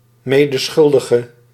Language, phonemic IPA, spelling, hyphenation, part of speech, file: Dutch, /ˈmeː.dəˌsxʏl.də.ɣə/, medeschuldige, me‧de‧schul‧di‧ge, noun / adjective, Nl-medeschuldige.ogg
- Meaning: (noun) accomplice; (adjective) inflection of medeschuldig: 1. masculine/feminine singular attributive 2. definite neuter singular attributive 3. plural attributive